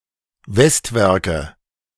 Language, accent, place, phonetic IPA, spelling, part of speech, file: German, Germany, Berlin, [ˈvɛstˌvɛʁkə], Westwerke, noun, De-Westwerke.ogg
- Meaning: 1. nominative/accusative/genitive plural of Westwerk 2. dative singular of Westwerk